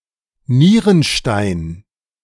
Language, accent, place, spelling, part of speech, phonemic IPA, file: German, Germany, Berlin, Nierenstein, noun, /ˈniːʁənˌʃtaɪn/, De-Nierenstein.ogg
- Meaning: nephrolith, kidney stone